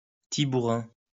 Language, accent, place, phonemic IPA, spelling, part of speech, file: French, France, Lyon, /ti.bu.ʁɑ̃/, tibouren, noun, LL-Q150 (fra)-tibouren.wav
- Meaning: a Provençal grape variety used especially for the production of rosé wine